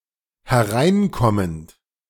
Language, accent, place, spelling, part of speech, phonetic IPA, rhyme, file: German, Germany, Berlin, hereinkommend, verb, [hɛˈʁaɪ̯nˌkɔmənt], -aɪ̯nkɔmənt, De-hereinkommend.ogg
- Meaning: present participle of hereinkommen